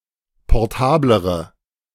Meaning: inflection of portabel: 1. strong/mixed nominative/accusative feminine singular comparative degree 2. strong nominative/accusative plural comparative degree
- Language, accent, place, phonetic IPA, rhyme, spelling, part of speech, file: German, Germany, Berlin, [pɔʁˈtaːbləʁə], -aːbləʁə, portablere, adjective, De-portablere.ogg